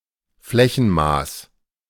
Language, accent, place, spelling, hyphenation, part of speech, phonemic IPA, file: German, Germany, Berlin, Flächenmaß, Flä‧chen‧maß, noun, /ˈflɛçn̩ˌmaːs/, De-Flächenmaß.ogg
- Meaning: unit of area